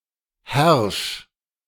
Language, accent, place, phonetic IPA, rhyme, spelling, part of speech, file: German, Germany, Berlin, [hɛʁʃ], -ɛʁʃ, herrsch, verb, De-herrsch.ogg
- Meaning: 1. singular imperative of herrschen 2. first-person singular present of herrschen